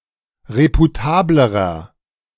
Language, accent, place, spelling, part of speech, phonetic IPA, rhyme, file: German, Germany, Berlin, reputablerer, adjective, [ˌʁepuˈtaːbləʁɐ], -aːbləʁɐ, De-reputablerer.ogg
- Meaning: inflection of reputabel: 1. strong/mixed nominative masculine singular comparative degree 2. strong genitive/dative feminine singular comparative degree 3. strong genitive plural comparative degree